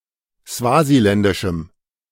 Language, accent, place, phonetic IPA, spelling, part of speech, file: German, Germany, Berlin, [ˈsvaːziˌlɛndɪʃm̩], swasiländischem, adjective, De-swasiländischem.ogg
- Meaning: strong dative masculine/neuter singular of swasiländisch